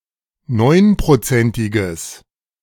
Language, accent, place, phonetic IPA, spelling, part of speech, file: German, Germany, Berlin, [ˈnɔɪ̯npʁoˌt͡sɛntɪɡəs], neunprozentiges, adjective, De-neunprozentiges.ogg
- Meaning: strong/mixed nominative/accusative neuter singular of neunprozentig